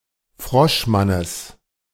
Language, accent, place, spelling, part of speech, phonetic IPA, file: German, Germany, Berlin, Froschmannes, noun, [ˈfʁɔʃˌmanəs], De-Froschmannes.ogg
- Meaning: genitive singular of Froschmann